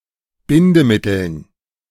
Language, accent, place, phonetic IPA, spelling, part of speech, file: German, Germany, Berlin, [ˈbɪndəˌmɪtl̩n], Bindemitteln, noun, De-Bindemitteln.ogg
- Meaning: dative plural of Bindemittel